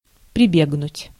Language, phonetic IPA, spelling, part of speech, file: Russian, [prʲɪˈbʲeɡnʊtʲ], прибегнуть, verb, Ru-прибегнуть.ogg
- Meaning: to resort, to have recourse, to fall back (upon)